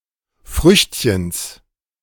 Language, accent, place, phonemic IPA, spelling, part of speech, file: German, Germany, Berlin, /ˈfʁʏçtçəns/, Früchtchens, noun, De-Früchtchens.ogg
- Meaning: genitive of Früchtchen